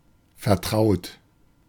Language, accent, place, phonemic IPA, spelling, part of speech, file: German, Germany, Berlin, /fɛɐ̯ˈtʁaʊ̯t/, vertraut, verb / adjective, De-vertraut.ogg
- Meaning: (verb) past participle of vertrauen; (adjective) 1. close, intimate 2. familiar